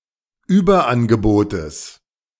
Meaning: genitive singular of Überangebot
- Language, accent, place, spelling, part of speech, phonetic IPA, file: German, Germany, Berlin, Überangebotes, noun, [ˈyːbɐˌʔanɡəboːtəs], De-Überangebotes.ogg